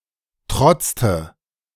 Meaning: inflection of trotzen: 1. first/third-person singular preterite 2. first/third-person singular subjunctive II
- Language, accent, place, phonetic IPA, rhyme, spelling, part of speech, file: German, Germany, Berlin, [ˈtʁɔt͡stə], -ɔt͡stə, trotzte, verb, De-trotzte.ogg